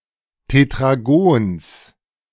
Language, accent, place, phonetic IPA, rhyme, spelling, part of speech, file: German, Germany, Berlin, [tetʁaˈɡoːns], -oːns, Tetragons, noun, De-Tetragons.ogg
- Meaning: genitive of Tetragon